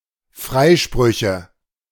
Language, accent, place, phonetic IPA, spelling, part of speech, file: German, Germany, Berlin, [ˈfʁaɪ̯ˌʃpʁʏçə], Freisprüche, noun, De-Freisprüche.ogg
- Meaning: nominative/accusative/genitive plural of Freispruch